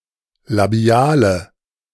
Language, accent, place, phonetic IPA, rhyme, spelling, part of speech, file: German, Germany, Berlin, [laˈbi̯aːlə], -aːlə, labiale, adjective, De-labiale.ogg
- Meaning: inflection of labial: 1. strong/mixed nominative/accusative feminine singular 2. strong nominative/accusative plural 3. weak nominative all-gender singular 4. weak accusative feminine/neuter singular